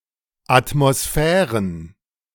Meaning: plural of Atmosphäre
- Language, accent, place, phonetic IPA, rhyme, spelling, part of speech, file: German, Germany, Berlin, [atmoˈsfɛːʁən], -ɛːʁən, Atmosphären, noun, De-Atmosphären.ogg